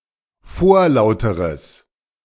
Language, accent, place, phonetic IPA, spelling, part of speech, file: German, Germany, Berlin, [ˈfoːɐ̯ˌlaʊ̯təʁəs], vorlauteres, adjective, De-vorlauteres.ogg
- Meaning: strong/mixed nominative/accusative neuter singular comparative degree of vorlaut